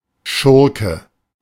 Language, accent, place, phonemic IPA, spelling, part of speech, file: German, Germany, Berlin, /ˈʃʊrkə/, Schurke, noun, De-Schurke.ogg
- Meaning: villain, scoundrel